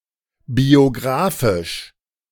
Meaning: alternative form of biografisch
- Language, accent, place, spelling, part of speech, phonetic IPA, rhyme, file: German, Germany, Berlin, biographisch, adjective, [bioˈɡʁaːfɪʃ], -aːfɪʃ, De-biographisch.ogg